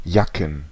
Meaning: plural of Jacke
- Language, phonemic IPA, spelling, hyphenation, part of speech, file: German, /ˈjakən/, Jacken, Ja‧cken, noun, De-Jacken.ogg